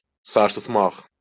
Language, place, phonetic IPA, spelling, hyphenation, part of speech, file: Azerbaijani, Baku, [sɑrsɯtˈmaχ], sarsıtmaq, sar‧sıt‧maq, verb, LL-Q9292 (aze)-sarsıtmaq.wav
- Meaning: to shake